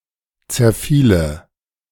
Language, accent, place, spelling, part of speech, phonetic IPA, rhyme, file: German, Germany, Berlin, zerfiele, verb, [t͡sɛɐ̯ˈfiːlə], -iːlə, De-zerfiele.ogg
- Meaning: first/third-person singular subjunctive II of zerfallen